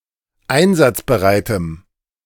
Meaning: strong dative masculine/neuter singular of einsatzbereit
- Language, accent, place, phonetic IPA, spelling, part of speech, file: German, Germany, Berlin, [ˈaɪ̯nzat͡sbəˌʁaɪ̯təm], einsatzbereitem, adjective, De-einsatzbereitem.ogg